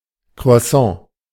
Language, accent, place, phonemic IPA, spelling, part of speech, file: German, Germany, Berlin, /kro̯aˈsã/, Croissant, noun, De-Croissant.ogg
- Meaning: croissant